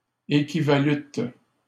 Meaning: second-person plural past historic of équivaloir
- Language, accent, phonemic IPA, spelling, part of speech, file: French, Canada, /e.ki.va.lyt/, équivalûtes, verb, LL-Q150 (fra)-équivalûtes.wav